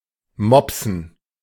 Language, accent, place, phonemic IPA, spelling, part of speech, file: German, Germany, Berlin, /ˈmɔpsn̩/, mopsen, verb, De-mopsen.ogg
- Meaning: 1. to be bored 2. to steal (something of low value)